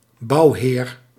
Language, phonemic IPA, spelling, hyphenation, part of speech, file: Dutch, /ˈbɑu̯.ɦeːr/, bouwheer, bouw‧heer, noun, Nl-bouwheer.ogg
- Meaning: 1. a master mason 2. a person who commissions an architect for an architectural design